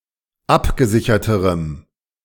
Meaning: strong dative masculine/neuter singular comparative degree of abgesichert
- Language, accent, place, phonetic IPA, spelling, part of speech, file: German, Germany, Berlin, [ˈapɡəˌzɪçɐtəʁəm], abgesicherterem, adjective, De-abgesicherterem.ogg